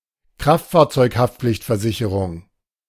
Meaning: motor vehicle liability insurance, third party liability insurance
- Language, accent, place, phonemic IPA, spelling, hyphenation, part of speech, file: German, Germany, Berlin, /ˈkʁaftfaːɐ̯t͡sɔɪ̯kˌhaftpflɪçtfɛɐ̯zɪçəʁʊŋ/, Kraftfahrzeug-Haftpflichtversicherung, Kraft‧fahr‧zeug-Haft‧pflicht‧ver‧si‧che‧rung, noun, De-Kraftfahrzeug-Haftpflichtversicherung.ogg